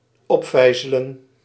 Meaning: 1. to windlass, to raise with a winch or windlass 2. to crank up, to raise, to improve
- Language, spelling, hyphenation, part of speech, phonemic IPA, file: Dutch, opvijzelen, op‧vij‧ze‧len, verb, /ˈɔpˌfɛi̯.zɛ.lɛ(n)/, Nl-opvijzelen.ogg